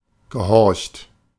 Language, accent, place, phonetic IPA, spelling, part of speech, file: German, Germany, Berlin, [ɡəˈhɔʁçt], gehorcht, verb, De-gehorcht.ogg
- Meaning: past participle of horchen